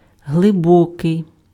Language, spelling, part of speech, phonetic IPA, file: Ukrainian, глибокий, adjective, [ɦɫeˈbɔkei̯], Uk-глибокий.ogg
- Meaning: deep